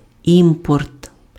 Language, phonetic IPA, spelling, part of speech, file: Ukrainian, [ˈimpɔrt], імпорт, noun, Uk-імпорт.ogg
- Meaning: import